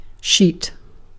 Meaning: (noun) A thin bed cloth used as a covering for a mattress or as a layer over the sleeper
- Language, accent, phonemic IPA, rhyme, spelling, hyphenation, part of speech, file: English, UK, /ʃiːt/, -iːt, sheet, sheet, noun / verb, En-uk-sheet.ogg